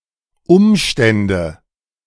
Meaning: nominative/accusative/genitive plural of Umstand
- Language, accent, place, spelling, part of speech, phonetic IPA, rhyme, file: German, Germany, Berlin, Umstände, noun, [ˈʊmˌʃtɛndə], -ʊmʃtɛndə, De-Umstände.ogg